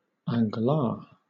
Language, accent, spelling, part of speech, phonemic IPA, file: English, Southern England, angolar, noun, /ˌæŋɡəˈlɑː(ɹ)/, LL-Q1860 (eng)-angolar.wav
- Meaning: A former currency of Angola between 1926 and 1958, divided into 100 centavos